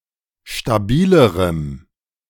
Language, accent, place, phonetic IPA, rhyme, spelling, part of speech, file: German, Germany, Berlin, [ʃtaˈbiːləʁəm], -iːləʁəm, stabilerem, adjective, De-stabilerem.ogg
- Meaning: strong dative masculine/neuter singular comparative degree of stabil